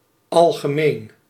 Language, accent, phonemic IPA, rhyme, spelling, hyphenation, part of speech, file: Dutch, Netherlands, /ˌɑl.ɣəˈmeːn/, -eːn, algemeen, al‧ge‧meen, adjective, Nl-algemeen.ogg
- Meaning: 1. general 2. common